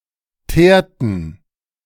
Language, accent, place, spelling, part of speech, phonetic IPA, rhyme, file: German, Germany, Berlin, teerten, verb, [ˈteːɐ̯tn̩], -eːɐ̯tn̩, De-teerten.ogg
- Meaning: inflection of teeren: 1. first/third-person plural preterite 2. first/third-person plural subjunctive II